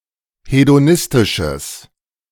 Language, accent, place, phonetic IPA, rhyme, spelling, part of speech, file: German, Germany, Berlin, [hedoˈnɪstɪʃəs], -ɪstɪʃəs, hedonistisches, adjective, De-hedonistisches.ogg
- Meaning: strong/mixed nominative/accusative neuter singular of hedonistisch